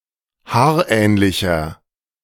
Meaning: 1. comparative degree of haarähnlich 2. inflection of haarähnlich: strong/mixed nominative masculine singular 3. inflection of haarähnlich: strong genitive/dative feminine singular
- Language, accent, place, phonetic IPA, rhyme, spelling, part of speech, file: German, Germany, Berlin, [ˈhaːɐ̯ˌʔɛːnlɪçɐ], -aːɐ̯ʔɛːnlɪçɐ, haarähnlicher, adjective, De-haarähnlicher.ogg